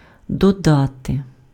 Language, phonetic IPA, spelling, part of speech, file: Ukrainian, [dɔˈdate], додати, verb, Uk-додати.ogg
- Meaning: to add